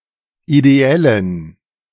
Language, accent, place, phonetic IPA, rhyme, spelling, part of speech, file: German, Germany, Berlin, [ideˈɛlən], -ɛlən, ideellen, adjective, De-ideellen.ogg
- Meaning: inflection of ideell: 1. strong genitive masculine/neuter singular 2. weak/mixed genitive/dative all-gender singular 3. strong/weak/mixed accusative masculine singular 4. strong dative plural